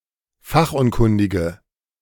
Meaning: inflection of fachunkundig: 1. strong/mixed nominative/accusative feminine singular 2. strong nominative/accusative plural 3. weak nominative all-gender singular
- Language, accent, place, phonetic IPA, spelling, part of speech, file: German, Germany, Berlin, [ˈfaxʔʊnˌkʊndɪɡə], fachunkundige, adjective, De-fachunkundige.ogg